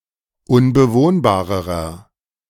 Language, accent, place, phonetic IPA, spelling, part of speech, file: German, Germany, Berlin, [ʊnbəˈvoːnbaːʁəʁɐ], unbewohnbarerer, adjective, De-unbewohnbarerer.ogg
- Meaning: inflection of unbewohnbar: 1. strong/mixed nominative masculine singular comparative degree 2. strong genitive/dative feminine singular comparative degree 3. strong genitive plural comparative degree